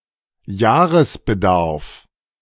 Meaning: annual requirement(s)
- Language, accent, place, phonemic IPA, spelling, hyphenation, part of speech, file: German, Germany, Berlin, /ˈjaːʁəsbəˌdaʁf/, Jahresbedarf, Jah‧res‧be‧darf, noun, De-Jahresbedarf.ogg